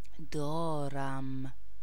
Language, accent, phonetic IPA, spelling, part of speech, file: Persian, Iran, [d̪ɒ́ː.ɹæm], دارم, verb, Fa-دارم.ogg
- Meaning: first-person singular present indicative of داشتن (dâštan)